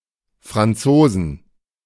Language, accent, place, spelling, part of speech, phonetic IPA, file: German, Germany, Berlin, Franzosen, noun, [ˌfʀanˈtsoːzn̩], De-Franzosen.ogg
- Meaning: 1. genitive singular of Franzose 2. dative singular of Franzose 3. accusative singular of Franzose 4. plural of Franzose